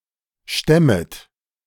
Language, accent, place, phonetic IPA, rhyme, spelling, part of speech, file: German, Germany, Berlin, [ˈʃtɛmət], -ɛmət, stemmet, verb, De-stemmet.ogg
- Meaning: second-person plural subjunctive I of stemmen